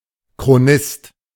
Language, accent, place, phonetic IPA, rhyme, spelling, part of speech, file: German, Germany, Berlin, [kʁoˈnɪst], -ɪst, Chronist, noun, De-Chronist.ogg
- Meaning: chronicler, annalist (male or of unspecified gender)